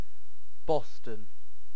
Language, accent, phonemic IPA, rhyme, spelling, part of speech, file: English, UK, /ˈbɒstən/, -ɒstən, Boston, proper noun / noun, En-uk-Boston.ogg
- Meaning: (proper noun) A town and borough in Lincolnshire, England (OS grid ref TF3244)